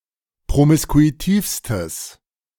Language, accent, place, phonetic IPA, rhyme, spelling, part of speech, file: German, Germany, Berlin, [pʁomɪskuiˈtiːfstəs], -iːfstəs, promiskuitivstes, adjective, De-promiskuitivstes.ogg
- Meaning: strong/mixed nominative/accusative neuter singular superlative degree of promiskuitiv